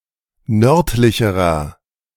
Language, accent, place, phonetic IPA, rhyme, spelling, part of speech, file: German, Germany, Berlin, [ˈnœʁtlɪçəʁɐ], -œʁtlɪçəʁɐ, nördlicherer, adjective, De-nördlicherer.ogg
- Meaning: inflection of nördlich: 1. strong/mixed nominative masculine singular comparative degree 2. strong genitive/dative feminine singular comparative degree 3. strong genitive plural comparative degree